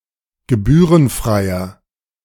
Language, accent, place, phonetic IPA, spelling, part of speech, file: German, Germany, Berlin, [ɡəˈbyːʁənˌfʁaɪ̯ɐ], gebührenfreier, adjective, De-gebührenfreier.ogg
- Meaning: inflection of gebührenfrei: 1. strong/mixed nominative masculine singular 2. strong genitive/dative feminine singular 3. strong genitive plural